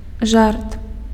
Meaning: joke
- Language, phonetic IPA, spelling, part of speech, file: Belarusian, [ʐart], жарт, noun, Be-жарт.ogg